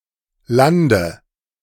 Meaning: inflection of landen: 1. first-person singular present 2. singular imperative 3. first/third-person singular subjunctive I
- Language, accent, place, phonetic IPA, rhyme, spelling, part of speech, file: German, Germany, Berlin, [ˈlandə], -andə, lande, verb, De-lande.ogg